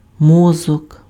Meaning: 1. brain 2. brain, smart person
- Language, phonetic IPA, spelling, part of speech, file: Ukrainian, [ˈmɔzɔk], мозок, noun, Uk-мозок.ogg